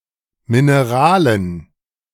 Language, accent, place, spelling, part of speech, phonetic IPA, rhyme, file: German, Germany, Berlin, Mineralen, noun, [mɪneˈʁaːlən], -aːlən, De-Mineralen.ogg
- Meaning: dative plural of Mineral